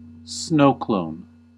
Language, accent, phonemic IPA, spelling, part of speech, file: English, US, /ˈsnoʊ.kloʊn/, snowclone, noun / verb, En-us-snowclone.ogg
- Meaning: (noun) A formulaic phrase that can be customized to fit a variety of contexts; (verb) To use a snowclone in speech or writing